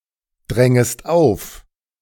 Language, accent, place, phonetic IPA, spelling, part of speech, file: German, Germany, Berlin, [ˌdʁɛŋəst ˈaʊ̯f], drängest auf, verb, De-drängest auf.ogg
- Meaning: second-person singular subjunctive I of aufdrängen